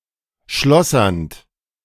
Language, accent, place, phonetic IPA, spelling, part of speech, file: German, Germany, Berlin, [ˈʃlɔsɐnt], schlossernd, verb, De-schlossernd.ogg
- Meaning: present participle of schlossern